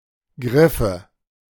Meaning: nominative/accusative/genitive plural of Griff
- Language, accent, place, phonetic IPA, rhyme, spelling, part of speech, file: German, Germany, Berlin, [ˈɡʁɪfə], -ɪfə, Griffe, noun, De-Griffe.ogg